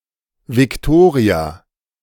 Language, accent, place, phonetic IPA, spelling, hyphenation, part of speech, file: German, Germany, Berlin, [vɪkˈtoːʁia], Victoria, Vic‧to‧ria, proper noun, De-Victoria.ogg
- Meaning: a female given name from Latin, variant of Viktoria